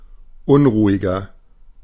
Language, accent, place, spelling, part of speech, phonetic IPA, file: German, Germany, Berlin, unruhiger, adjective, [ˈʊnʁuːɪɡɐ], De-unruhiger.ogg
- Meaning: 1. comparative degree of unruhig 2. inflection of unruhig: strong/mixed nominative masculine singular 3. inflection of unruhig: strong genitive/dative feminine singular